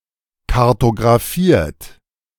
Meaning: 1. past participle of kartographieren 2. inflection of kartographieren: third-person singular present 3. inflection of kartographieren: second-person plural present
- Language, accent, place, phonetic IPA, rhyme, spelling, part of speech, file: German, Germany, Berlin, [kaʁtoɡʁaˈfiːɐ̯t], -iːɐ̯t, kartographiert, verb, De-kartographiert.ogg